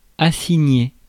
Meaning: to assign
- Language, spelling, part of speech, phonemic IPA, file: French, assigner, verb, /a.si.ɲe/, Fr-assigner.ogg